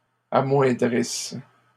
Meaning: inflection of amoindrir: 1. third-person plural present indicative/subjunctive 2. third-person plural imperfect subjunctive
- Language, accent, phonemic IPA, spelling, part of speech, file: French, Canada, /a.mwɛ̃.dʁis/, amoindrissent, verb, LL-Q150 (fra)-amoindrissent.wav